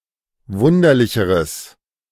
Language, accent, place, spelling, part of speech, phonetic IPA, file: German, Germany, Berlin, wunderlicheres, adjective, [ˈvʊndɐlɪçəʁəs], De-wunderlicheres.ogg
- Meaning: strong/mixed nominative/accusative neuter singular comparative degree of wunderlich